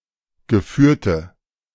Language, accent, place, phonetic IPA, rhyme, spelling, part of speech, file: German, Germany, Berlin, [ɡəˈfyːɐ̯tə], -yːɐ̯tə, geführte, adjective, De-geführte.ogg
- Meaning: inflection of geführt: 1. strong/mixed nominative/accusative feminine singular 2. strong nominative/accusative plural 3. weak nominative all-gender singular 4. weak accusative feminine/neuter singular